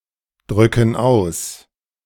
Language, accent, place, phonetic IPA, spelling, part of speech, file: German, Germany, Berlin, [ˌdʁʏkn̩ ˈaʊ̯s], drücken aus, verb, De-drücken aus.ogg
- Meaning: inflection of ausdrücken: 1. first/third-person plural present 2. first/third-person plural subjunctive I